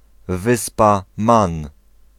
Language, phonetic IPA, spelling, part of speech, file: Polish, [ˈvɨspa ˈmãn], Wyspa Man, proper noun, Pl-Wyspa Man.ogg